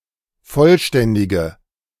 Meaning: inflection of vollständig: 1. strong/mixed nominative/accusative feminine singular 2. strong nominative/accusative plural 3. weak nominative all-gender singular
- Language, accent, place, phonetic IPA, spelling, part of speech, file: German, Germany, Berlin, [ˈfɔlˌʃtɛndɪɡə], vollständige, adjective, De-vollständige.ogg